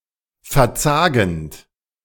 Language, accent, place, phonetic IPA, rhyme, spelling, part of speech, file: German, Germany, Berlin, [fɛɐ̯ˈt͡saːɡn̩t], -aːɡn̩t, verzagend, verb, De-verzagend.ogg
- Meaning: present participle of verzagen